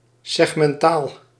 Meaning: segmental
- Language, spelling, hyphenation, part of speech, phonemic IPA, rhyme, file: Dutch, segmentaal, seg‧men‧taal, adjective, /ˌsɛx.mɛnˈtaːl/, -aːl, Nl-segmentaal.ogg